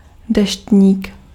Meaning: umbrella (against rain)
- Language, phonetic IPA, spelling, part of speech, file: Czech, [ˈdɛʃtɲiːk], deštník, noun, Cs-deštník.ogg